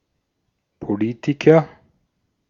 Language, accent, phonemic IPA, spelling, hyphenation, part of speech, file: German, Austria, /poˈliːtikɐ/, Politiker, Po‧li‧ti‧ker, noun, De-at-Politiker.ogg
- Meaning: politician